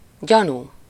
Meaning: suspicion (especially of something wrong)
- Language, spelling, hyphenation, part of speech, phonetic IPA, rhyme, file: Hungarian, gyanú, gya‧nú, noun, [ˈɟɒnuː], -nuː, Hu-gyanú.ogg